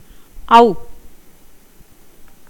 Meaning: The twelfth vowel in Tamil
- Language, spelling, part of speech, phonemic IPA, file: Tamil, ஔ, character, /ɐʊ̯/, Ta-ஔ.ogg